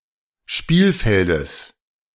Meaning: genitive singular of Spielfeld
- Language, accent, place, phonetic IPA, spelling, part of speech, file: German, Germany, Berlin, [ˈʃpiːlˌfɛldəs], Spielfeldes, noun, De-Spielfeldes.ogg